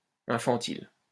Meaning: infantile
- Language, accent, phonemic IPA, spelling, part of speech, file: French, France, /ɛ̃.fɑ̃.til/, infantile, adjective, LL-Q150 (fra)-infantile.wav